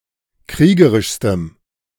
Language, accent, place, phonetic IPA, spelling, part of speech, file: German, Germany, Berlin, [ˈkʁiːɡəʁɪʃstəm], kriegerischstem, adjective, De-kriegerischstem.ogg
- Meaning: strong dative masculine/neuter singular superlative degree of kriegerisch